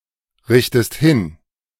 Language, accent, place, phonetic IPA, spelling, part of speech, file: German, Germany, Berlin, [ˌʁɪçtəst ˈhɪn], richtest hin, verb, De-richtest hin.ogg
- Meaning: inflection of hinrichten: 1. second-person singular present 2. second-person singular subjunctive I